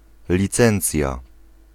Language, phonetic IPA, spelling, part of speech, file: Polish, [lʲiˈt͡sɛ̃nt͡sʲja], licencja, noun, Pl-licencja.ogg